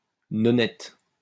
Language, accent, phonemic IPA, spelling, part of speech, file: French, France, /nɔ.nɛt/, nonnette, noun, LL-Q150 (fra)-nonnette.wav
- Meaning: 1. type of gingerbread with aniseed 2. young nun